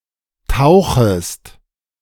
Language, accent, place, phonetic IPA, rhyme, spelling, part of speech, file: German, Germany, Berlin, [ˈtaʊ̯xəst], -aʊ̯xəst, tauchest, verb, De-tauchest.ogg
- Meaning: second-person singular subjunctive I of tauchen